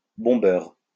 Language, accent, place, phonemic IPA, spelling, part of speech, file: French, France, Lyon, /bɔ̃.bœʁ/, bombeur, noun, LL-Q150 (fra)-bombeur.wav
- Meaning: tagger, graffiti artist